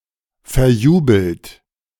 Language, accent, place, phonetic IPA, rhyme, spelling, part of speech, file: German, Germany, Berlin, [fɛɐ̯ˈjuːbl̩t], -uːbl̩t, verjubelt, verb, De-verjubelt.ogg
- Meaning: past participle of verjubeln